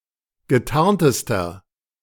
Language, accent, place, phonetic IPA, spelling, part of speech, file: German, Germany, Berlin, [ɡəˈtaʁntəstɐ], getarntester, adjective, De-getarntester.ogg
- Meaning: inflection of getarnt: 1. strong/mixed nominative masculine singular superlative degree 2. strong genitive/dative feminine singular superlative degree 3. strong genitive plural superlative degree